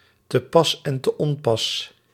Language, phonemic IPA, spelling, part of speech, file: Dutch, /təˌpɑsɛntəˈʔɔmpɑs/, te pas en te onpas, phrase, Nl-te pas en te onpas.ogg
- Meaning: all the time; whether appropriate or not; whether relevant or not